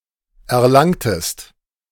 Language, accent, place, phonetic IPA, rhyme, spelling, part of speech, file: German, Germany, Berlin, [ɛɐ̯ˈlaŋtəst], -aŋtəst, erlangtest, verb, De-erlangtest.ogg
- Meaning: inflection of erlangen: 1. second-person singular preterite 2. second-person singular subjunctive II